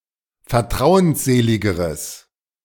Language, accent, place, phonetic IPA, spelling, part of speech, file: German, Germany, Berlin, [fɛɐ̯ˈtʁaʊ̯ənsˌzeːlɪɡəʁəs], vertrauensseligeres, adjective, De-vertrauensseligeres.ogg
- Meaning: strong/mixed nominative/accusative neuter singular comparative degree of vertrauensselig